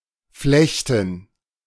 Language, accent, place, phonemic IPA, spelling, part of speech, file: German, Germany, Berlin, /ˈflɛçtən/, Flechten, noun, De-Flechten.ogg
- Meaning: 1. gerund of flechten 2. plural of Flechte